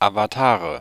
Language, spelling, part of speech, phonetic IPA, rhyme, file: German, Avatare, noun, [avaˈtaːʁə], -aːʁə, De-Avatare.ogg
- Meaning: nominative/accusative/genitive plural of Avatar